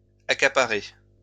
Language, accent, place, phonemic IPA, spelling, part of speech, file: French, France, Lyon, /a.ka.pa.ʁe/, accaparées, verb, LL-Q150 (fra)-accaparées.wav
- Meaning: feminine plural of accaparé